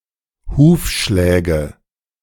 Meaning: nominative/accusative/genitive plural of Hufschlag
- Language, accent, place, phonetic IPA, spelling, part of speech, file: German, Germany, Berlin, [ˈhuːfˌʃlɛːɡə], Hufschläge, noun, De-Hufschläge.ogg